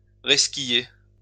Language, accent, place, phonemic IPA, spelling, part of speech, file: French, France, Lyon, /ʁɛs.ki.je/, resquiller, verb, LL-Q150 (fra)-resquiller.wav
- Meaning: 1. to queue-jump 2. to ride (public transport) without a ticket 3. to gatecrash